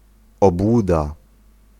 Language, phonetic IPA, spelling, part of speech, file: Polish, [ɔbˈwuda], obłuda, noun, Pl-obłuda.ogg